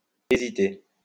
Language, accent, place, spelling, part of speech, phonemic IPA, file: French, France, Lyon, hæsiter, verb, /e.zi.te/, LL-Q150 (fra)-hæsiter.wav
- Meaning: obsolete form of hésiter